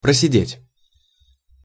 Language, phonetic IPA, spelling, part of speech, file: Russian, [prəsʲɪˈdʲetʲ], просидеть, verb, Ru-просидеть.ogg
- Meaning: 1. to sit (for a while) 2. to be imprisoned, to do time (for some time)